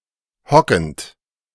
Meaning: present participle of hocken
- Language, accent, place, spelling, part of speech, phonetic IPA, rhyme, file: German, Germany, Berlin, hockend, verb, [ˈhɔkn̩t], -ɔkn̩t, De-hockend.ogg